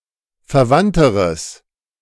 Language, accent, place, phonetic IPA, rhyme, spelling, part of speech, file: German, Germany, Berlin, [fɛɐ̯ˈvantəʁəs], -antəʁəs, verwandteres, adjective, De-verwandteres.ogg
- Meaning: strong/mixed nominative/accusative neuter singular comparative degree of verwandt